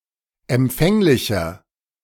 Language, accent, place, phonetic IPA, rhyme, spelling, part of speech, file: German, Germany, Berlin, [ɛmˈp͡fɛŋlɪçɐ], -ɛŋlɪçɐ, empfänglicher, adjective, De-empfänglicher.ogg
- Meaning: inflection of empfänglich: 1. strong/mixed nominative masculine singular 2. strong genitive/dative feminine singular 3. strong genitive plural